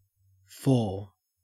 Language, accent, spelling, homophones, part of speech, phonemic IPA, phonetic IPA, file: English, Australia, four, for / faugh / foe / faux, numeral / noun, /foɹ/, [foː], En-au-four.ogg
- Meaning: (numeral) 1. A numerical value equal to 4; the number following three and preceding five 2. Describing a set or group with four elements; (noun) The digit or figure 4; an occurrence thereof